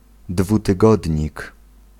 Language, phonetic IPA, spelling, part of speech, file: Polish, [ˌdvutɨˈɡɔdʲɲik], dwutygodnik, noun, Pl-dwutygodnik.ogg